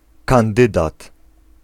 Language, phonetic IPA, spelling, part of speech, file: Polish, [kãnˈdɨdat], kandydat, noun, Pl-kandydat.ogg